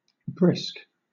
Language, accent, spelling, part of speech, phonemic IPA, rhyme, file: English, Southern England, brisk, adjective / verb, /bɹɪsk/, -ɪsk, LL-Q1860 (eng)-brisk.wav
- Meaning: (adjective) 1. Full of liveliness and activity; characterized by quickness of motion or action 2. Full of spirit of life; effervescing 3. Sparkling; fizzy 4. Stimulating or invigorating